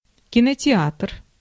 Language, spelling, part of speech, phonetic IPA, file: Russian, кинотеатр, noun, [kʲɪnətʲɪˈatr], Ru-кинотеатр.ogg
- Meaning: cinema, movie theatre